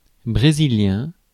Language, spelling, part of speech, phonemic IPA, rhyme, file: French, brésilien, adjective / noun, /bʁe.zi.ljɛ̃/, -ɛ̃, Fr-brésilien.ogg
- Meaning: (adjective) of Brazil; Brazilian; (noun) Brazilian Portuguese